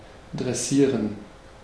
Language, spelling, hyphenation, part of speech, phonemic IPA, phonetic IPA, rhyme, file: German, dressieren, dres‧sie‧ren, verb, /dʁɛˈsiːʁən/, [dʁɛˈsiːɐ̯n], -iːʁən, De-dressieren.ogg
- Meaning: to tame, to train